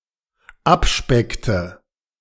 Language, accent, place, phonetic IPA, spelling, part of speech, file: German, Germany, Berlin, [ˈapˌʃpɛktə], abspeckte, verb, De-abspeckte.ogg
- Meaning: inflection of abspecken: 1. first/third-person singular dependent preterite 2. first/third-person singular dependent subjunctive II